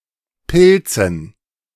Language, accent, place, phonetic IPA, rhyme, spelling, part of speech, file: German, Germany, Berlin, [ˈpɪlt͡sn̩], -ɪlt͡sn̩, Pilzen, noun, De-Pilzen.ogg
- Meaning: dative plural of Pilz